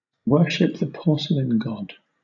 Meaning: To vomit into a toilet bowl
- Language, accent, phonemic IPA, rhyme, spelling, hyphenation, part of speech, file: English, Southern England, /ˈwɜːʃɪp ðə ˈpɔːsəlɪn ˈɡɒd/, -ɒd, worship the porcelain god, wor‧ship the por‧ce‧lain god, verb, LL-Q1860 (eng)-worship the porcelain god.wav